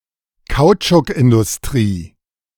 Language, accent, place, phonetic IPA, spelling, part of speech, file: German, Germany, Berlin, [ˈkaʊ̯t͡ʃʊkʔɪndʊsˌtʁiː], Kautschukindustrie, noun, De-Kautschukindustrie.ogg
- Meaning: rubber industry